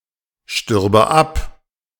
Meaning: first/third-person singular subjunctive II of absterben
- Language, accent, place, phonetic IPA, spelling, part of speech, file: German, Germany, Berlin, [ˌʃtʏʁbə ˈap], stürbe ab, verb, De-stürbe ab.ogg